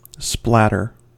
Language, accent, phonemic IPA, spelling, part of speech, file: English, US, /ˈsplætɚ/, splatter, noun / verb, En-us-splatter.ogg
- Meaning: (noun) 1. An uneven shape or mess created by something dispersing on impact 2. A genre of gory horror 3. Spurious emissions resulting from an abrupt change in a transmitted radio signal